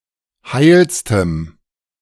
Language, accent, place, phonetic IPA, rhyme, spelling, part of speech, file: German, Germany, Berlin, [ˈhaɪ̯lstəm], -aɪ̯lstəm, heilstem, adjective, De-heilstem.ogg
- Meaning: strong dative masculine/neuter singular superlative degree of heil